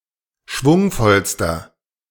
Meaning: inflection of schwungvoll: 1. strong/mixed nominative masculine singular superlative degree 2. strong genitive/dative feminine singular superlative degree 3. strong genitive plural superlative degree
- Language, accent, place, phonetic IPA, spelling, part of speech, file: German, Germany, Berlin, [ˈʃvʊŋfɔlstɐ], schwungvollster, adjective, De-schwungvollster.ogg